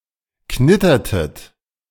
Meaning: inflection of knittern: 1. second-person plural preterite 2. second-person plural subjunctive II
- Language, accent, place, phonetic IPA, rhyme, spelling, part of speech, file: German, Germany, Berlin, [ˈknɪtɐtət], -ɪtɐtət, knittertet, verb, De-knittertet.ogg